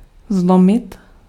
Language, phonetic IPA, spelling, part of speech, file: Czech, [ˈzlomɪt], zlomit, verb, Cs-zlomit.ogg
- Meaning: 1. to break (to end up in two or more pieces) 2. to break (of a bone) 3. to break (to cause to end up in two or more pieces)